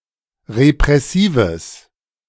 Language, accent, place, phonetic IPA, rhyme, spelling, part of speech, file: German, Germany, Berlin, [ʁepʁɛˈsiːvəs], -iːvəs, repressives, adjective, De-repressives.ogg
- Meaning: strong/mixed nominative/accusative neuter singular of repressiv